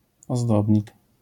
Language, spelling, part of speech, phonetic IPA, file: Polish, ozdobnik, noun, [ɔˈzdɔbʲɲik], LL-Q809 (pol)-ozdobnik.wav